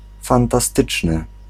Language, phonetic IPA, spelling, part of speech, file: Polish, [ˌfãntaˈstɨt͡ʃnɨ], fantastyczny, adjective, Pl-fantastyczny.ogg